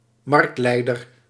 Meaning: market leader
- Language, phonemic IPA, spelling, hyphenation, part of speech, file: Dutch, /ˈmɑrktˌlɛi̯.dər/, marktleider, markt‧lei‧der, noun, Nl-marktleider.ogg